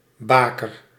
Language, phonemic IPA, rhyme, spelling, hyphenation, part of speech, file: Dutch, /ˈbaː.kər/, -aːkər, baker, ba‧ker, noun / verb, Nl-baker.ogg
- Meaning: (noun) a midwife; one who helps women in childbirth with deliveries; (verb) inflection of bakeren: 1. first-person singular present indicative 2. second-person singular present indicative